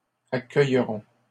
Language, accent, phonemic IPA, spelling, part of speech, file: French, Canada, /a.kœj.ʁɔ̃/, accueillerons, verb, LL-Q150 (fra)-accueillerons.wav
- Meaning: first-person plural future of accueillir